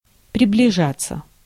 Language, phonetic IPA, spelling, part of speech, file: Russian, [prʲɪblʲɪˈʐat͡sːə], приближаться, verb, Ru-приближаться.ogg
- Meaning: 1. to draw near, to approach 2. to near 3. to approximate 4. passive of приближа́ть (približátʹ)